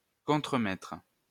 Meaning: foreman (leader of a work crew)
- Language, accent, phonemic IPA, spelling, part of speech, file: French, France, /kɔ̃.tʁə.mɛtʁ/, contremaître, noun, LL-Q150 (fra)-contremaître.wav